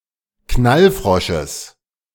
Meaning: genitive singular of Knallfrosch
- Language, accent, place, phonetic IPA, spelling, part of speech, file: German, Germany, Berlin, [ˈknalˌfʁɔʃəs], Knallfrosches, noun, De-Knallfrosches.ogg